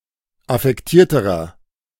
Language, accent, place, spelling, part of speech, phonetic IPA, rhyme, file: German, Germany, Berlin, affektierterer, adjective, [afɛkˈtiːɐ̯təʁɐ], -iːɐ̯təʁɐ, De-affektierterer.ogg
- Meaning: inflection of affektiert: 1. strong/mixed nominative masculine singular comparative degree 2. strong genitive/dative feminine singular comparative degree 3. strong genitive plural comparative degree